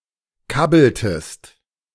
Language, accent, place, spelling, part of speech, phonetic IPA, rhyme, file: German, Germany, Berlin, kabbeltest, verb, [ˈkabl̩təst], -abl̩təst, De-kabbeltest.ogg
- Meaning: inflection of kabbeln: 1. second-person singular preterite 2. second-person singular subjunctive II